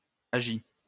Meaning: inflection of agir: 1. first/second-person singular present indicative 2. first/second-person singular past historic 3. second-person singular imperative
- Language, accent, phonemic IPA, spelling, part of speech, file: French, France, /a.ʒi/, agis, verb, LL-Q150 (fra)-agis.wav